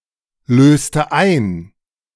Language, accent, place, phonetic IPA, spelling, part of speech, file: German, Germany, Berlin, [ˌløːstə ˈaɪ̯n], löste ein, verb, De-löste ein.ogg
- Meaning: inflection of einlösen: 1. first/third-person singular preterite 2. first/third-person singular subjunctive II